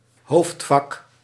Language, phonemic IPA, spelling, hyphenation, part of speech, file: Dutch, /ˈɦoːft.fɑk/, hoofdvak, hoofd‧vak, noun, Nl-hoofdvak.ogg
- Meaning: a major subject (at a tertiary institution)